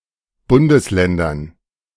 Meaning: dative plural of Bundesland
- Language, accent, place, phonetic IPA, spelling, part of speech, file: German, Germany, Berlin, [ˈbʊndəsˌlɛndɐn], Bundesländern, noun, De-Bundesländern.ogg